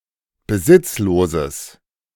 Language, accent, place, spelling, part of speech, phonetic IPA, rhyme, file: German, Germany, Berlin, besitzloses, adjective, [bəˈzɪt͡sloːzəs], -ɪt͡sloːzəs, De-besitzloses.ogg
- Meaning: strong/mixed nominative/accusative neuter singular of besitzlos